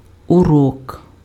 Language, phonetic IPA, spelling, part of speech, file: Ukrainian, [ʊˈrɔk], урок, noun, Uk-урок.ogg
- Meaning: 1. lesson 2. evil eye